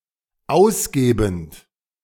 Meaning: present participle of ausgeben
- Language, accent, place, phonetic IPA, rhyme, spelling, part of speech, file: German, Germany, Berlin, [ˈaʊ̯sˌɡeːbn̩t], -aʊ̯sɡeːbn̩t, ausgebend, verb, De-ausgebend.ogg